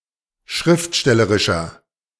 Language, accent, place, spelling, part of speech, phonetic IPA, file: German, Germany, Berlin, schriftstellerischer, adjective, [ˈʃʁɪftˌʃtɛləʁɪʃɐ], De-schriftstellerischer.ogg
- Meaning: inflection of schriftstellerisch: 1. strong/mixed nominative masculine singular 2. strong genitive/dative feminine singular 3. strong genitive plural